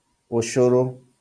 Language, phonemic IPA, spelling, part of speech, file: Kikuyu, /ò(t)ɕòɾǒ/, ũcũrũ, noun, LL-Q33587 (kik)-ũcũrũ.wav
- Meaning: gruel, porridge